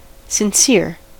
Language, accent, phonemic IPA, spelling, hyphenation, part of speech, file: English, US, /sɪnˈsɪɹ/, sincere, sin‧cere, adjective, En-us-sincere.ogg
- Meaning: 1. Genuine, honest, and free from pretense or deceit; heartfelt 2. Meant truly or earnestly 3. Clean; pure